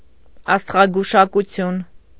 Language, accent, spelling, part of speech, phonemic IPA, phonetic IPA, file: Armenian, Eastern Armenian, աստղագուշակություն, noun, /ɑstʁɑɡuʃɑkuˈtʰjun/, [ɑstʁɑɡuʃɑkut͡sʰjún], Hy-աստղագուշակություն.ogg
- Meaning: astrology